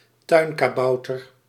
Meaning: a garden gnome
- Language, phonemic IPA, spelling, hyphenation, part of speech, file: Dutch, /ˈtœy̯n.kaːˌbɑu̯.tər/, tuinkabouter, tuin‧ka‧bou‧ter, noun, Nl-tuinkabouter.ogg